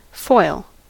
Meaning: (noun) 1. A very thin sheet of metal 2. A very thin sheet of plastic 3. Thin aluminium/aluminum (or, formerly, tin) used for wrapping food
- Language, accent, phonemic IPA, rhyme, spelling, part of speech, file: English, US, /fɔɪl/, -ɔɪl, foil, noun / verb, En-us-foil.ogg